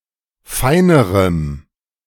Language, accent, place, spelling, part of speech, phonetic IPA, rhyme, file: German, Germany, Berlin, feinerem, adjective, [ˈfaɪ̯nəʁəm], -aɪ̯nəʁəm, De-feinerem.ogg
- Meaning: strong dative masculine/neuter singular comparative degree of fein